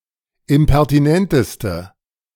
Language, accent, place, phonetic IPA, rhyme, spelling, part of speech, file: German, Germany, Berlin, [ɪmpɛʁtiˈnɛntəstə], -ɛntəstə, impertinenteste, adjective, De-impertinenteste.ogg
- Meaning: inflection of impertinent: 1. strong/mixed nominative/accusative feminine singular superlative degree 2. strong nominative/accusative plural superlative degree